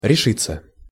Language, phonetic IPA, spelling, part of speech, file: Russian, [rʲɪˈʂɨt͡sːə], решиться, verb, Ru-решиться.ogg
- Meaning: 1. to make up one's mind (to), to decide (to, on), to determine (to), to resolve (to) 2. to bring oneself (to); to dare, to risk; to venture 3. passive of реши́ть (rešítʹ)